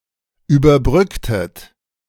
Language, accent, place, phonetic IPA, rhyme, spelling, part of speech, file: German, Germany, Berlin, [yːbɐˈbʁʏktət], -ʏktət, überbrücktet, verb, De-überbrücktet.ogg
- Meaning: inflection of überbrücken: 1. second-person plural preterite 2. second-person plural subjunctive II